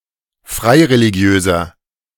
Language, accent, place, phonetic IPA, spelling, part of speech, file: German, Germany, Berlin, [ˈfʁaɪ̯ʁeliˌɡi̯øːzɐ], freireligiöser, adjective, De-freireligiöser.ogg
- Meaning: inflection of freireligiös: 1. strong/mixed nominative masculine singular 2. strong genitive/dative feminine singular 3. strong genitive plural